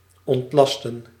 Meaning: 1. to unburden, to relieve (a load) 2. to relieve (from a duty) 3. to relieve oneself, to move one's bowel, defecate
- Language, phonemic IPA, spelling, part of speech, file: Dutch, /ˌɔntˈlɑs.tə(n)/, ontlasten, verb, Nl-ontlasten.ogg